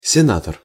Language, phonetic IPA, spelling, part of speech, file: Russian, [sʲɪˈnatər], сенатор, noun, Ru-сенатор.ogg
- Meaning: senator